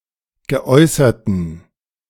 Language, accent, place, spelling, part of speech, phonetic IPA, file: German, Germany, Berlin, geäußerten, adjective, [ɡəˈʔɔɪ̯sɐtn̩], De-geäußerten.ogg
- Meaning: inflection of geäußert: 1. strong genitive masculine/neuter singular 2. weak/mixed genitive/dative all-gender singular 3. strong/weak/mixed accusative masculine singular 4. strong dative plural